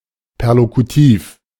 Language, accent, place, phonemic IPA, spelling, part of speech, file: German, Germany, Berlin, /pɛʁlokuˈtiːf/, perlokutiv, adjective, De-perlokutiv.ogg
- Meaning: perlocutive, perlocutionary